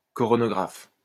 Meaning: coronagraph
- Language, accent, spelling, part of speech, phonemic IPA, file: French, France, coronographe, noun, /kɔ.ʁɔ.nɔ.ɡʁaf/, LL-Q150 (fra)-coronographe.wav